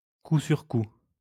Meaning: in a row, in rapid succession, one after the other
- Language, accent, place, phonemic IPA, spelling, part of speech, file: French, France, Lyon, /ku syʁ ku/, coup sur coup, adverb, LL-Q150 (fra)-coup sur coup.wav